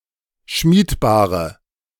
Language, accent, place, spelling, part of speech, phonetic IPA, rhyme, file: German, Germany, Berlin, schmiedbare, adjective, [ˈʃmiːtˌbaːʁə], -iːtbaːʁə, De-schmiedbare.ogg
- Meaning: inflection of schmiedbar: 1. strong/mixed nominative/accusative feminine singular 2. strong nominative/accusative plural 3. weak nominative all-gender singular